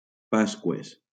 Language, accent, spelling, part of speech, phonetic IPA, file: Catalan, Valencia, Pasqües, noun, [ˈpas.kwes], LL-Q7026 (cat)-Pasqües.wav
- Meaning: plural of Pasqua